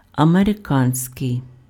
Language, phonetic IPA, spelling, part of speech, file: Ukrainian, [ɐmereˈkanʲsʲkei̯], американський, adjective, Uk-американський.ogg
- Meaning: American